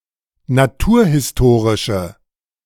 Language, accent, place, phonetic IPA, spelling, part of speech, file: German, Germany, Berlin, [naˈtuːɐ̯hɪsˌtoːʁɪʃə], naturhistorische, adjective, De-naturhistorische.ogg
- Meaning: inflection of naturhistorisch: 1. strong/mixed nominative/accusative feminine singular 2. strong nominative/accusative plural 3. weak nominative all-gender singular